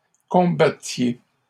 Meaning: inflection of combattre: 1. second-person plural imperfect indicative 2. second-person plural present subjunctive
- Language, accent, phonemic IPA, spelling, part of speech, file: French, Canada, /kɔ̃.ba.tje/, combattiez, verb, LL-Q150 (fra)-combattiez.wav